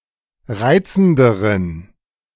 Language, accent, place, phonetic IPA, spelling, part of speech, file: German, Germany, Berlin, [ˈʁaɪ̯t͡sn̩dəʁən], reizenderen, adjective, De-reizenderen.ogg
- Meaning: inflection of reizend: 1. strong genitive masculine/neuter singular comparative degree 2. weak/mixed genitive/dative all-gender singular comparative degree